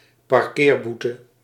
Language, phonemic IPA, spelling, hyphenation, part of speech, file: Dutch, /pɑrˈkeːrˌbu.tə/, parkeerboete, par‧keer‧boe‧te, noun, Nl-parkeerboete.ogg
- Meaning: a parking ticket, a parking fine